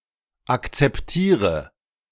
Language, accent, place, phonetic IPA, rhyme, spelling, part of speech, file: German, Germany, Berlin, [ˌakt͡sɛpˈtiːʁə], -iːʁə, akzeptiere, verb, De-akzeptiere.ogg
- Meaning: inflection of akzeptieren: 1. first-person singular present 2. first/third-person singular subjunctive I 3. singular imperative